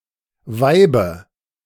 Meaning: dative of Weib
- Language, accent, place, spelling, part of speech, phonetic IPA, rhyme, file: German, Germany, Berlin, Weibe, noun, [ˈvaɪ̯bə], -aɪ̯bə, De-Weibe.ogg